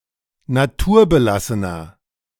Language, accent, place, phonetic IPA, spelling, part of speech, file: German, Germany, Berlin, [naˈtuːɐ̯bəˌlasənɐ], naturbelassener, adjective, De-naturbelassener.ogg
- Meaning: 1. comparative degree of naturbelassen 2. inflection of naturbelassen: strong/mixed nominative masculine singular 3. inflection of naturbelassen: strong genitive/dative feminine singular